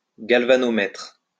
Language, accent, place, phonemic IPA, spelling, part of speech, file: French, France, Lyon, /ɡal.va.nɔ.mɛtʁ/, galvanomètre, noun, LL-Q150 (fra)-galvanomètre.wav
- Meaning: galvanometer